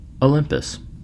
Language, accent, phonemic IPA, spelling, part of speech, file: English, US, /əˈlɪmpəs/, Olympus, proper noun, En-us-Olympus.ogg
- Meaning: The highest mountain in Greece; in Ancient Greek mythology the home of the gods